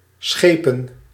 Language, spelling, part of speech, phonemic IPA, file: Dutch, schepen, noun / verb, /ˈsxeːpə(n)/, Nl-schepen.ogg
- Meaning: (noun) alderman; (verb) 1. to embark, ship 2. to travel by ship; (noun) plural of schip